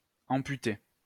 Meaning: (verb) past participle of amputer; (noun) amputee; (adjective) amputated
- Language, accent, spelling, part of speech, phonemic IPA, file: French, France, amputé, verb / noun / adjective, /ɑ̃.py.te/, LL-Q150 (fra)-amputé.wav